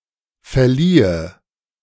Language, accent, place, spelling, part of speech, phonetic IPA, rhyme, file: German, Germany, Berlin, verliehe, verb, [fɛɐ̯ˈliːə], -iːə, De-verliehe.ogg
- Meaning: first/third-person singular subjunctive II of verleihen